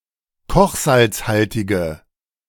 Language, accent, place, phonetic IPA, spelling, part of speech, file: German, Germany, Berlin, [ˈkɔxzalt͡sˌhaltɪɡə], kochsalzhaltige, adjective, De-kochsalzhaltige.ogg
- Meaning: inflection of kochsalzhaltig: 1. strong/mixed nominative/accusative feminine singular 2. strong nominative/accusative plural 3. weak nominative all-gender singular